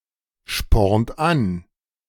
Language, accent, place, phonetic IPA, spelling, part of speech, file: German, Germany, Berlin, [ˌʃpɔʁnt ˈan], spornt an, verb, De-spornt an.ogg
- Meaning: inflection of anspornen: 1. third-person singular present 2. second-person plural present 3. plural imperative